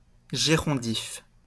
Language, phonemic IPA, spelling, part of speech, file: French, /ʒe.ʁɔ̃.dif/, gérondif, noun / adjective, LL-Q150 (fra)-gérondif.wav
- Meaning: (noun) a syntactical construction of French composed of the present participle preceded with the preposition en, used to express simultaneity or manner; an adverbial participle